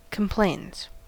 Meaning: third-person singular simple present indicative of complain
- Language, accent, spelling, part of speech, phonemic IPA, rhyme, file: English, US, complains, verb, /kəmˈpleɪnz/, -eɪnz, En-us-complains.ogg